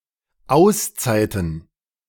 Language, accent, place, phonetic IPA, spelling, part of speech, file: German, Germany, Berlin, [ˈaʊ̯sˌt͡saɪ̯tn̩], Auszeiten, noun, De-Auszeiten.ogg
- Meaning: plural of Auszeit